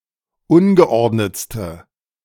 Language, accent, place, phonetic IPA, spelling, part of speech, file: German, Germany, Berlin, [ˈʊnɡəˌʔɔʁdnət͡stə], ungeordnetste, adjective, De-ungeordnetste.ogg
- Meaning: inflection of ungeordnet: 1. strong/mixed nominative/accusative feminine singular superlative degree 2. strong nominative/accusative plural superlative degree